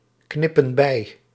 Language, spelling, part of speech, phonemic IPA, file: Dutch, knippen bij, verb, /ˈknɪpə(n) ˈbɛi/, Nl-knippen bij.ogg
- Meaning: inflection of bijknippen: 1. plural present indicative 2. plural present subjunctive